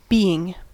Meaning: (verb) present participle and gerund of be; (noun) 1. A living creature 2. The state or fact of existence, consciousness, or life, or something in such a state
- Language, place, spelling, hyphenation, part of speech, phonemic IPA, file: English, California, being, be‧ing, verb / noun / conjunction, /ˈbi.ɪŋ/, En-us-being.ogg